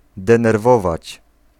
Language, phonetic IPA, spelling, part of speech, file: Polish, [ˌdɛ̃nɛrˈvɔvat͡ɕ], denerwować, verb, Pl-denerwować.ogg